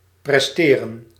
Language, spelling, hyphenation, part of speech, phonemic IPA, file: Dutch, presteren, pres‧te‧ren, verb, /prɛsˈteːrə(n)/, Nl-presteren.ogg
- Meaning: to perform, succeed, achieve